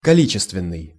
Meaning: 1. quantitative 2. cardinal
- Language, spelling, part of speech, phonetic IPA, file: Russian, количественный, adjective, [kɐˈlʲit͡ɕɪstvʲɪn(ː)ɨj], Ru-количественный.ogg